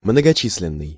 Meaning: numerous
- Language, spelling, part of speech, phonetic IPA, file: Russian, многочисленный, adjective, [mnəɡɐˈt͡ɕis⁽ʲ⁾lʲɪn(ː)ɨj], Ru-многочисленный.ogg